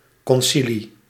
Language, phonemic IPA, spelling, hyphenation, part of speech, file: Dutch, /ˌkɔnˈsi.li/, concilie, con‧ci‧lie, noun, Nl-concilie.ogg
- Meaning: a church council in which bishops and eminent theologians are assembled to decide issues, esp. in Catholicism and Orthodoxy